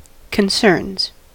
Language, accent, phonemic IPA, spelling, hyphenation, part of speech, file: English, US, /kənˈsɝnz/, concerns, con‧cerns, noun / verb, En-us-concerns.ogg
- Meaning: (noun) plural of concern; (verb) third-person singular simple present indicative of concern